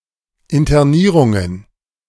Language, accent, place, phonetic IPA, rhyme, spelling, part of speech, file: German, Germany, Berlin, [ɪntɐˈniːʁʊŋən], -iːʁʊŋən, Internierungen, noun, De-Internierungen.ogg
- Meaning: plural of Internierung